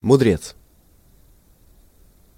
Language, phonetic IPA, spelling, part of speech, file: Russian, [mʊˈdrʲet͡s], мудрец, noun, Ru-мудрец.ogg
- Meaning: sage (wise man)